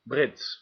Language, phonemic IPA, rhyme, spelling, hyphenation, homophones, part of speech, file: Dutch, /brɪts/, -ɪts, Brits, Brits, brits, adjective, Nl-Brits.ogg
- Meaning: British